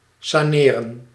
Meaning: 1. to reorganize (a business), rehabilitate (finances) 2. to recuperate, redevelop (e.g. a city district) 3. to reduce pollution in an area; to clean 4. to heal
- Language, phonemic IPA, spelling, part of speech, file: Dutch, /saːˈneː.rə(n)/, saneren, verb, Nl-saneren.ogg